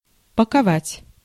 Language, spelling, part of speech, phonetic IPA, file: Russian, паковать, verb, [pəkɐˈvatʲ], Ru-паковать.ogg
- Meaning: to pack (a bag for a trip, etc.)